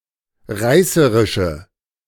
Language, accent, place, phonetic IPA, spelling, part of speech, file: German, Germany, Berlin, [ˈʁaɪ̯səʁɪʃə], reißerische, adjective, De-reißerische.ogg
- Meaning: inflection of reißerisch: 1. strong/mixed nominative/accusative feminine singular 2. strong nominative/accusative plural 3. weak nominative all-gender singular